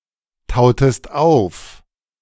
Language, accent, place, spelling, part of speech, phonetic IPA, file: German, Germany, Berlin, tautest auf, verb, [ˌtaʊ̯təst ˈaʊ̯f], De-tautest auf.ogg
- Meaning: inflection of auftauen: 1. second-person singular preterite 2. second-person singular subjunctive II